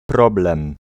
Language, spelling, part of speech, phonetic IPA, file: Polish, problem, noun, [ˈprɔblɛ̃m], Pl-problem.ogg